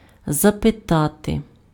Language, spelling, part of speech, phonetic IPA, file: Ukrainian, запитати, verb, [zɐpeˈtate], Uk-запитати.ogg
- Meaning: to ask, to inquire